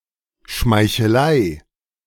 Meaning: flattery
- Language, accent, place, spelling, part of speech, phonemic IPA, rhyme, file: German, Germany, Berlin, Schmeichelei, noun, /ʃmaɪ̯çəˈlaɪ̯/, -aɪ̯, De-Schmeichelei.ogg